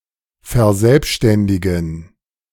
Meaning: alternative form of verselbstständigen
- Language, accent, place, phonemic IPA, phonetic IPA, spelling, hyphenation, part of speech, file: German, Germany, Berlin, /fɛɐ̯ˈzɛlpʃtɛndɪɡən/, [fɐˈzɛlpʃtɛndɪɡŋ̍], verselbständigen, ver‧selb‧stän‧di‧gen, verb, De-verselbständigen.ogg